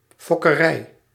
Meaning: a farm where animals are bred
- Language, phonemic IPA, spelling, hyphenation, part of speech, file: Dutch, /ˌfɔ.kəˈrɛi̯/, fokkerij, fok‧ke‧rij, noun, Nl-fokkerij.ogg